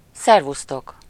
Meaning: hello, goodbye
- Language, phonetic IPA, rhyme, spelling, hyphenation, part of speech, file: Hungarian, [ˈsɛrvustok], -ok, szervusztok, szer‧vusz‧tok, interjection, Hu-szervusztok.ogg